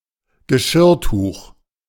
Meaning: dish towel; tea towel (cloth principally used to dry dishes with, but also sometimes surfaces etc.)
- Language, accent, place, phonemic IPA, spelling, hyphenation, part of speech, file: German, Germany, Berlin, /ɡəˈʃɪrˌtuːχ/, Geschirrtuch, Ge‧schirr‧tuch, noun, De-Geschirrtuch.ogg